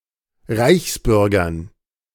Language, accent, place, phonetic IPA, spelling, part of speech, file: German, Germany, Berlin, [ˈʁaɪ̯çsˌbʏʁɡɐn], Reichsbürgern, noun, De-Reichsbürgern.ogg
- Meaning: dative plural of Reichsbürger